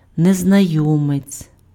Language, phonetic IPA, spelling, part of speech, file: Ukrainian, [neznɐˈjɔmet͡sʲ], незнайомець, noun, Uk-незнайомець.ogg
- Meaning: stranger (person whom one does not know)